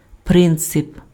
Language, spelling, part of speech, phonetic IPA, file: Ukrainian, принцип, noun, [ˈprɪnt͡sep], Uk-принцип.ogg
- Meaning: principle